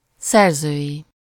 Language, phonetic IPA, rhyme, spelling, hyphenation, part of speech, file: Hungarian, [ˈsɛrzøːji], -ji, szerzői, szer‧zői, adjective / noun, Hu-szerzői.ogg
- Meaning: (adjective) authorial, author's; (noun) third-person singular multiple-possession possessive of szerző